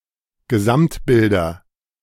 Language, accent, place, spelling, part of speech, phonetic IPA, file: German, Germany, Berlin, Gesamtbilder, noun, [ɡəˈzamtˌbɪldɐ], De-Gesamtbilder.ogg
- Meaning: nominative/accusative/genitive plural of Gesamtbild